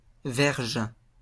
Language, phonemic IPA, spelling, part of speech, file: French, /vɛʁʒ/, verge, noun, LL-Q150 (fra)-verge.wav
- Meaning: 1. rod 2. penis (male sexual organ) 3. yard (three feet)